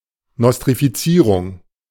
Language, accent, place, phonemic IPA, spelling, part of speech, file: German, Germany, Berlin, /nɔstʁifiˈt͡siːʁʊŋ/, Nostrifizierung, noun, De-Nostrifizierung.ogg
- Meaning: nostrification: process or act of granting recognition to a degree from a foreign university